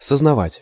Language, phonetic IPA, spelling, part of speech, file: Russian, [səznɐˈvatʲ], сознавать, verb, Ru-сознавать.ogg
- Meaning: 1. to realize, to see 2. to be conscious (of) 3. to acknowledge, to admit, to understand